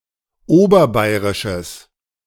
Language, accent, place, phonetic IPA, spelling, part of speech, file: German, Germany, Berlin, [ˈoːbɐˌbaɪ̯ʁɪʃəs], oberbayrisches, adjective, De-oberbayrisches.ogg
- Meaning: strong/mixed nominative/accusative neuter singular of oberbayrisch